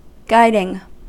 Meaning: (verb) present participle and gerund of guide; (noun) 1. Guidance 2. Girl Guiding
- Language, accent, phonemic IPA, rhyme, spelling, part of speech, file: English, US, /ˈɡaɪdɪŋ/, -aɪdɪŋ, guiding, verb / noun, En-us-guiding.ogg